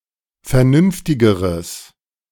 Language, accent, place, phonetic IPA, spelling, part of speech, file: German, Germany, Berlin, [fɛɐ̯ˈnʏnftɪɡəʁəs], vernünftigeres, adjective, De-vernünftigeres.ogg
- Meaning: strong/mixed nominative/accusative neuter singular comparative degree of vernünftig